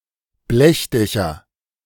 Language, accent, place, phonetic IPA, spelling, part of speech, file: German, Germany, Berlin, [ˈblɛçˌdɛçɐ], Blechdächer, noun, De-Blechdächer.ogg
- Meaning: nominative/accusative/genitive plural of Blechdach